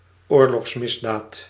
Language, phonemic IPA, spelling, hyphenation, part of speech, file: Dutch, /ˈoːr.lɔxsˌmɪs.daːt/, oorlogsmisdaad, oor‧logs‧mis‧daad, noun, Nl-oorlogsmisdaad.ogg
- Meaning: war crime